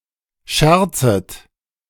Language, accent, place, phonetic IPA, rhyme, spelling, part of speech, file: German, Germany, Berlin, [ˈʃɛʁt͡sət], -ɛʁt͡sət, scherzet, verb, De-scherzet.ogg
- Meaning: second-person plural subjunctive I of scherzen